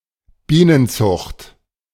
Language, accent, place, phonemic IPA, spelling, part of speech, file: German, Germany, Berlin, /ˈbiːnənˌt͡sʊχt/, Bienenzucht, noun, De-Bienenzucht.ogg
- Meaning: beekeeping